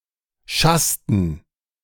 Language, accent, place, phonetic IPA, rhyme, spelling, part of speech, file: German, Germany, Berlin, [ˈʃastn̩], -astn̩, schassten, verb, De-schassten.ogg
- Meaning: inflection of schassen: 1. first/third-person plural preterite 2. first/third-person plural subjunctive II